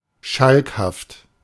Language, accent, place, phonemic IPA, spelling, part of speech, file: German, Germany, Berlin, /ˈʃalkhaft/, schalkhaft, adjective, De-schalkhaft.ogg
- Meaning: mischievous, roguish